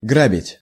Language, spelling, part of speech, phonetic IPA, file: Russian, грабить, verb, [ˈɡrabʲɪtʲ], Ru-грабить.ogg
- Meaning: 1. to rob, to sack, to loot, to plunder 2. to rake